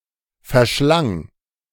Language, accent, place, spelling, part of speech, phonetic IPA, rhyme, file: German, Germany, Berlin, verschlang, verb, [fɛɐ̯ˈʃlaŋ], -aŋ, De-verschlang.ogg
- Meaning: first/third-person singular preterite of verschlingen